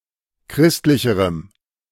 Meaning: strong dative masculine/neuter singular comparative degree of christlich
- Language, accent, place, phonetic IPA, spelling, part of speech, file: German, Germany, Berlin, [ˈkʁɪstlɪçəʁəm], christlicherem, adjective, De-christlicherem.ogg